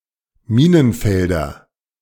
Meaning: nominative/accusative/genitive plural of Minenfeld
- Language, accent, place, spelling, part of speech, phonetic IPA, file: German, Germany, Berlin, Minenfelder, noun, [ˈmiːnənˌfɛldɐ], De-Minenfelder.ogg